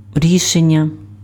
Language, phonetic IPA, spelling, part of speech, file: Ukrainian, [ˈrʲiʃenʲːɐ], рішення, noun, Uk-рішення.ogg
- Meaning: 1. decision 2. solution, answer